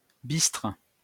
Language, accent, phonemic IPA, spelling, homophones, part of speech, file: French, France, /bistʁ/, bistre, bistrent / bistres, adjective / noun / verb, LL-Q150 (fra)-bistre.wav
- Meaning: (adjective) bistre; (verb) inflection of bistrer: 1. first/third-person singular present indicative/subjunctive 2. second-person singular imperative